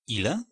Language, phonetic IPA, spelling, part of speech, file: Polish, [ˈilɛ], ile, pronoun, Pl-ile.ogg